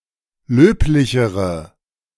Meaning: inflection of löblich: 1. strong/mixed nominative/accusative feminine singular comparative degree 2. strong nominative/accusative plural comparative degree
- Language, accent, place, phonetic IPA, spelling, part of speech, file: German, Germany, Berlin, [ˈløːplɪçəʁə], löblichere, adjective, De-löblichere.ogg